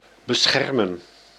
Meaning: to protect
- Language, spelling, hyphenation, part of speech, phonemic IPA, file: Dutch, beschermen, be‧scher‧men, verb, /bəˈsxɛrmə(n)/, Nl-beschermen.ogg